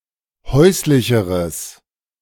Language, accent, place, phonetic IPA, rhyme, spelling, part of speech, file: German, Germany, Berlin, [ˈhɔɪ̯slɪçəʁəs], -ɔɪ̯slɪçəʁəs, häuslicheres, adjective, De-häuslicheres.ogg
- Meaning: strong/mixed nominative/accusative neuter singular comparative degree of häuslich